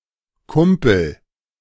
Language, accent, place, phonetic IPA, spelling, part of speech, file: German, Germany, Berlin, [ˈkʊmpl̩], Kumpel, noun, De-Kumpel.ogg
- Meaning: 1. miner 2. buddy, mate, pal, friend, homeboy